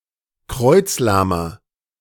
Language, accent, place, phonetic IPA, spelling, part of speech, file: German, Germany, Berlin, [ˈkʁɔɪ̯t͡sˌlaːmɐ], kreuzlahmer, adjective, De-kreuzlahmer.ogg
- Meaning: inflection of kreuzlahm: 1. strong/mixed nominative masculine singular 2. strong genitive/dative feminine singular 3. strong genitive plural